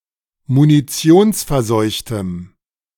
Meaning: strong dative masculine/neuter singular of munitionsverseucht
- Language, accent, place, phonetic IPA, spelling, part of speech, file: German, Germany, Berlin, [muniˈt͡si̯oːnsfɛɐ̯ˌzɔɪ̯çtəm], munitionsverseuchtem, adjective, De-munitionsverseuchtem.ogg